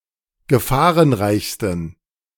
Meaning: 1. superlative degree of gefahrenreich 2. inflection of gefahrenreich: strong genitive masculine/neuter singular superlative degree
- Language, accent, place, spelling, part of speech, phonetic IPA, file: German, Germany, Berlin, gefahrenreichsten, adjective, [ɡəˈfaːʁənˌʁaɪ̯çstn̩], De-gefahrenreichsten.ogg